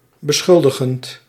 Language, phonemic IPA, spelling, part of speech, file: Dutch, /bəˈsxʏldəɣənt/, beschuldigend, verb / adjective, Nl-beschuldigend.ogg
- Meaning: present participle of beschuldigen